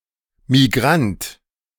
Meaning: migrant
- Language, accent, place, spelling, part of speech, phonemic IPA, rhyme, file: German, Germany, Berlin, Migrant, noun, /miˈɡʁant/, -ant, De-Migrant.ogg